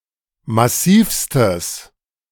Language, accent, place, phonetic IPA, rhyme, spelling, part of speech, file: German, Germany, Berlin, [maˈsiːfstəs], -iːfstəs, massivstes, adjective, De-massivstes.ogg
- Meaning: strong/mixed nominative/accusative neuter singular superlative degree of massiv